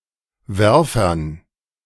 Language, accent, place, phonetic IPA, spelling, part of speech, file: German, Germany, Berlin, [ˈvɛʁfɐn], Werfern, noun, De-Werfern.ogg
- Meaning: dative plural of Werfer